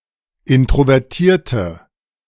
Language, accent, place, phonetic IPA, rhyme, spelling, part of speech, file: German, Germany, Berlin, [ˌɪntʁovɛʁˈtiːɐ̯tə], -iːɐ̯tə, introvertierte, adjective, De-introvertierte.ogg
- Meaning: inflection of introvertiert: 1. strong/mixed nominative/accusative feminine singular 2. strong nominative/accusative plural 3. weak nominative all-gender singular